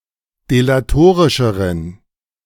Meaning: inflection of delatorisch: 1. strong genitive masculine/neuter singular comparative degree 2. weak/mixed genitive/dative all-gender singular comparative degree
- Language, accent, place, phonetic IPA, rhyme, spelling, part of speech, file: German, Germany, Berlin, [delaˈtoːʁɪʃəʁən], -oːʁɪʃəʁən, delatorischeren, adjective, De-delatorischeren.ogg